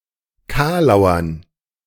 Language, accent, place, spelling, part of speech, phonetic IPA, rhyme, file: German, Germany, Berlin, Kalauern, noun, [ˈkaːlaʊ̯ɐn], -aːlaʊ̯ɐn, De-Kalauern.ogg
- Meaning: dative plural of Kalauer